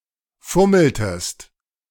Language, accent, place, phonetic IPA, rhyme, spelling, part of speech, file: German, Germany, Berlin, [ˈfʊml̩təst], -ʊml̩təst, fummeltest, verb, De-fummeltest.ogg
- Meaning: inflection of fummeln: 1. second-person singular preterite 2. second-person singular subjunctive II